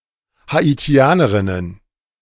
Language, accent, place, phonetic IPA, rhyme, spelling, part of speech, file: German, Germany, Berlin, [haiˈti̯aːnəʁɪnən], -aːnəʁɪnən, Haitianerinnen, noun, De-Haitianerinnen.ogg
- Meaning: plural of Haitianerin